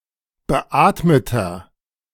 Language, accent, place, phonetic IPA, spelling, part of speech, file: German, Germany, Berlin, [bəˈʔaːtmətɐ], beatmeter, adjective, De-beatmeter.ogg
- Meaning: inflection of beatmet: 1. strong/mixed nominative masculine singular 2. strong genitive/dative feminine singular 3. strong genitive plural